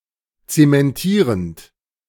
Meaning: present participle of zementieren
- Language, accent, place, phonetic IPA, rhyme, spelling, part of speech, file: German, Germany, Berlin, [ˌt͡semɛnˈtiːʁənt], -iːʁənt, zementierend, verb, De-zementierend.ogg